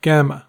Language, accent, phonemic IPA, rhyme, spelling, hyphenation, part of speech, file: English, US, /ˈɡæ.mə/, -æmə, gamma, gam‧ma, noun, En-us-gamma.ogg
- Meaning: The third letter of the Greek alphabet (Γ, γ), preceded by beta (Β, β) and followed by delta, (Δ, δ)